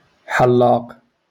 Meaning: barber
- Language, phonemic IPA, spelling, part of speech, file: Moroccan Arabic, /ħal.laːq/, حلاق, noun, LL-Q56426 (ary)-حلاق.wav